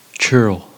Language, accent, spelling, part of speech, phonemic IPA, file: English, General American, churl, noun, /t͡ʃɝl/, En-us-churl.ogg
- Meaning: 1. A free peasant (as opposed to a serf) of the lowest rank, below an earl and a thane; a freeman; also (more generally), a person without royal or noble status; a commoner 2. A bondman or serf